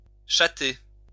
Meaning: alternative form of tchatter
- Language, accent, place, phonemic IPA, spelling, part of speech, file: French, France, Lyon, /tʃa.te/, chater, verb, LL-Q150 (fra)-chater.wav